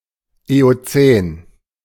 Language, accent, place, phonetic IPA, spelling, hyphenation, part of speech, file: German, Germany, Berlin, [eoˈt͡sɛːn], Eozän, Eo‧zän, proper noun, De-Eozän.ogg
- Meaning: Eocene